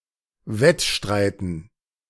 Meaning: dative plural of Wettstreit
- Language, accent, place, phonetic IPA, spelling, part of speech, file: German, Germany, Berlin, [ˈvɛtˌʃtʁaɪ̯tn̩], Wettstreiten, noun, De-Wettstreiten.ogg